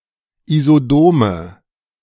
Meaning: inflection of isodom: 1. strong/mixed nominative/accusative feminine singular 2. strong nominative/accusative plural 3. weak nominative all-gender singular 4. weak accusative feminine/neuter singular
- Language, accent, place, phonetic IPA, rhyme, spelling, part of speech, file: German, Germany, Berlin, [izoˈdoːmə], -oːmə, isodome, adjective, De-isodome.ogg